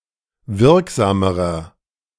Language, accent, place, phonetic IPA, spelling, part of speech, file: German, Germany, Berlin, [ˈvɪʁkˌzaːməʁɐ], wirksamerer, adjective, De-wirksamerer.ogg
- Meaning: inflection of wirksam: 1. strong/mixed nominative masculine singular comparative degree 2. strong genitive/dative feminine singular comparative degree 3. strong genitive plural comparative degree